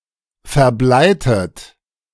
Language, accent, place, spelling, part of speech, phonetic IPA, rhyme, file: German, Germany, Berlin, verbleitet, verb, [fɛɐ̯ˈblaɪ̯tət], -aɪ̯tət, De-verbleitet.ogg
- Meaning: inflection of verbleien: 1. second-person plural preterite 2. second-person plural subjunctive II